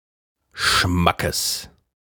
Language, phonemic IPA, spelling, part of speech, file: German, /ˈʃmakəs/, Schmackes, noun, De-Schmackes.ogg
- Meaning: power, force, vigour, especially when hitting or moving something heavy